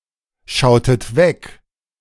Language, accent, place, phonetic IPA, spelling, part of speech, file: German, Germany, Berlin, [ˌʃaʊ̯tət ˈvɛk], schautet weg, verb, De-schautet weg.ogg
- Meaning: inflection of wegschauen: 1. second-person plural preterite 2. second-person plural subjunctive II